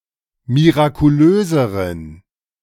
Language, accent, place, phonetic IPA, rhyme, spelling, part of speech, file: German, Germany, Berlin, [miʁakuˈløːzəʁən], -øːzəʁən, mirakulöseren, adjective, De-mirakulöseren.ogg
- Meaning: inflection of mirakulös: 1. strong genitive masculine/neuter singular comparative degree 2. weak/mixed genitive/dative all-gender singular comparative degree